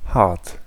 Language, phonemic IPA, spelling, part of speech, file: German, /hart/, hart, adjective / adverb, De-hart.ogg
- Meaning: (adjective) 1. hard 2. severe, harsh 3. unmoved, cold, cruel; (adverb) 1. hard (with force or effort) 2. sharply, roughly, severely 3. close